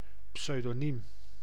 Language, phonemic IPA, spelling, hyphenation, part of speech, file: Dutch, /psødoˈnim/, pseudoniem, pseu‧do‧niem, noun, Nl-pseudoniem.ogg
- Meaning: pseudonym